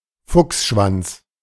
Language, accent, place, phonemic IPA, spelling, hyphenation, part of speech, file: German, Germany, Berlin, /ˈfʊksˌʃvant͡s/, Fuchsschwanz, Fuchs‧schwanz, noun, De-Fuchsschwanz.ogg
- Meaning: 1. fox's tail 2. crosscut saw, handsaw 3. Lisi Ogon (a village in Poland)